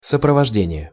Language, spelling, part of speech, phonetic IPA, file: Russian, сопровождение, noun, [səprəvɐʐˈdʲenʲɪje], Ru-сопровождение.ogg
- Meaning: 1. accompaniment (that which accompanies) 2. accompaniment (that which gives support or adds to the background)